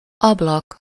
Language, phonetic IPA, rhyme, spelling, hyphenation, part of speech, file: Hungarian, [ˈɒblɒk], -ɒk, ablak, ab‧lak, noun, Hu-ablak.ogg
- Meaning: window (opening on a building or vehicle, usually covered by one or more panes of glass)